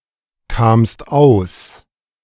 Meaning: second-person singular preterite of auskommen
- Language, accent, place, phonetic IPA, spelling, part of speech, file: German, Germany, Berlin, [ˌkaːmst ˈaʊ̯s], kamst aus, verb, De-kamst aus.ogg